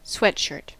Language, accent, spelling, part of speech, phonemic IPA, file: English, US, sweatshirt, noun, /ˈswɛtʃəːt/, En-us-sweatshirt.ogg
- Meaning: 1. A loose shirt, usually made of a knit fleece, for athletic wear and now often used as casual apparel 2. A shirt worn against the skin, usually under other clothing, to absorb sweat